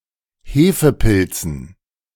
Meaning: dative plural of Hefepilz
- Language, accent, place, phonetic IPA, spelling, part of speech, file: German, Germany, Berlin, [ˈheːfəˌpɪlt͡sn̩], Hefepilzen, noun, De-Hefepilzen.ogg